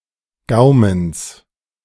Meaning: genitive singular of Gaumen
- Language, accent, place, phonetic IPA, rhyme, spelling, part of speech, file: German, Germany, Berlin, [ˈɡaʊ̯məns], -aʊ̯məns, Gaumens, noun, De-Gaumens.ogg